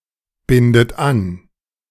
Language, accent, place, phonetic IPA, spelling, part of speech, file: German, Germany, Berlin, [ˌbɪndət ˈan], bindet an, verb, De-bindet an.ogg
- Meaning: inflection of anbinden: 1. third-person singular present 2. second-person plural present 3. second-person plural subjunctive I 4. plural imperative